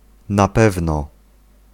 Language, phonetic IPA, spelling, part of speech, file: Polish, [na‿ˈpɛvnɔ], na pewno, adverbial phrase, Pl-na pewno.ogg